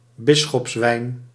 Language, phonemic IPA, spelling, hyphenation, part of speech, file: Dutch, /ˈbɪ.sxɔpsˌʋɛi̯n/, bisschopswijn, bis‧schops‧wijn, noun, Nl-bisschopswijn.ogg
- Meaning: a type of mulled wine, often drunk on and before Saint Nicholas' Eve (December 5), made of oranges; bishop's wine